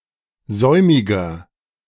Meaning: 1. comparative degree of säumig 2. inflection of säumig: strong/mixed nominative masculine singular 3. inflection of säumig: strong genitive/dative feminine singular
- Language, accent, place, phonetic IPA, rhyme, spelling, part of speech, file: German, Germany, Berlin, [ˈzɔɪ̯mɪɡɐ], -ɔɪ̯mɪɡɐ, säumiger, adjective, De-säumiger.ogg